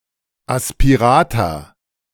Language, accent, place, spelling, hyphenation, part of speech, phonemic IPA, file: German, Germany, Berlin, Aspirata, As‧pi‧ra‧ta, noun, /aspiˈʁaːta/, De-Aspirata.ogg
- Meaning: aspirate